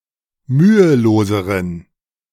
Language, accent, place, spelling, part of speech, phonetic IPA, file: German, Germany, Berlin, müheloseren, adjective, [ˈmyːəˌloːzəʁən], De-müheloseren.ogg
- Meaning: inflection of mühelos: 1. strong genitive masculine/neuter singular comparative degree 2. weak/mixed genitive/dative all-gender singular comparative degree